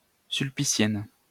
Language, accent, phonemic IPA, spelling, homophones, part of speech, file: French, France, /syl.pi.sjɛn/, sulpicienne, sulpiciennes, adjective, LL-Q150 (fra)-sulpicienne.wav
- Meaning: feminine singular of sulpicien